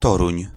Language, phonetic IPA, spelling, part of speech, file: Polish, [ˈtɔrũɲ], Toruń, proper noun, Pl-Toruń.ogg